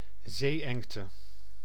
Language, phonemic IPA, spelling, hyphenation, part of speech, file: Dutch, /ˈzeːˌɛŋ.tə/, zee-engte, zee-eng‧te, noun, Nl-zee-engte.ogg
- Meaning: narrow strait or channel, a narrow sea passage enclosed by land